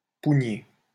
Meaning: to cheat
- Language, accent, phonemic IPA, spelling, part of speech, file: French, France, /pu.ɲe/, pougner, verb, LL-Q150 (fra)-pougner.wav